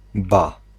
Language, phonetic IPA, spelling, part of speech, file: Polish, [ba], ba, particle / interjection / noun, Pl-ba.ogg